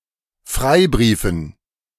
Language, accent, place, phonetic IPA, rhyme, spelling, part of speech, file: German, Germany, Berlin, [ˈfʁaɪ̯ˌbʁiːfn̩], -aɪ̯bʁiːfn̩, Freibriefen, noun, De-Freibriefen.ogg
- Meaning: dative plural of Freibrief